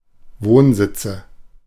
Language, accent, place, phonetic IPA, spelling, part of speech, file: German, Germany, Berlin, [ˈvoːnˌzɪt͡sə], Wohnsitze, noun, De-Wohnsitze.ogg
- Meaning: nominative/accusative/genitive plural of Wohnsitz